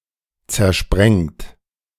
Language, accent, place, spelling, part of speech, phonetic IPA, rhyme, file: German, Germany, Berlin, zersprengt, verb, [t͡sɛɐ̯ˈʃpʁɛŋt], -ɛŋt, De-zersprengt.ogg
- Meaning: 1. past participle of zersprengen 2. inflection of zersprengen: second-person plural present 3. inflection of zersprengen: third-person singular present 4. inflection of zersprengen: plural imperative